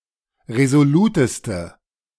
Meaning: inflection of resolut: 1. strong/mixed nominative/accusative feminine singular superlative degree 2. strong nominative/accusative plural superlative degree
- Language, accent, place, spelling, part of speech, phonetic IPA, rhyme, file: German, Germany, Berlin, resoluteste, adjective, [ʁezoˈluːtəstə], -uːtəstə, De-resoluteste.ogg